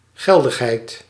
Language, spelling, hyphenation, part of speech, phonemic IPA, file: Dutch, geldigheid, gel‧dig‧heid, noun, /ˈɣɛl.dəxˌɦɛi̯t/, Nl-geldigheid.ogg
- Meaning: validity